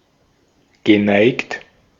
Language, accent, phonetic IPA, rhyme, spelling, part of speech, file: German, Austria, [ɡəˈnaɪ̯kt], -aɪ̯kt, geneigt, adjective / verb, De-at-geneigt.ogg
- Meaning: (verb) past participle of neigen; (adjective) inclined